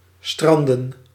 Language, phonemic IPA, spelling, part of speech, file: Dutch, /ˈstrɑndə(n)/, stranden, verb / noun, Nl-stranden.ogg
- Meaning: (verb) to strand; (noun) plural of strand